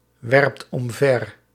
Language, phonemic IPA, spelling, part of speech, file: Dutch, /ˈwɛrᵊpt ɔmˈvɛr/, werpt omver, verb, Nl-werpt omver.ogg
- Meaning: inflection of omverwerpen: 1. second/third-person singular present indicative 2. plural imperative